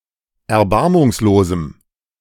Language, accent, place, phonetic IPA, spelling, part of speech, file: German, Germany, Berlin, [ɛɐ̯ˈbaʁmʊŋsloːzm̩], erbarmungslosem, adjective, De-erbarmungslosem.ogg
- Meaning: strong dative masculine/neuter singular of erbarmungslos